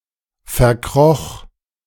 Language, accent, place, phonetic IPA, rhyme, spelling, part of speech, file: German, Germany, Berlin, [fɛɐ̯ˈkʁɔx], -ɔx, verkroch, verb, De-verkroch.ogg
- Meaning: first/third-person singular preterite of verkriechen